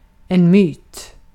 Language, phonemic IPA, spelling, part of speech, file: Swedish, /myːt/, myt, noun, Sv-myt.ogg
- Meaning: 1. a myth; a story of great but unknown age 2. a myth; a belief or story that illustrates a cultural ideal 3. a myth; a commonly held but false belief